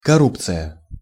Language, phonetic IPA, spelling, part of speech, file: Russian, [kɐˈrupt͡sɨjə], коррупция, noun, Ru-коррупция.ogg
- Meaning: corruption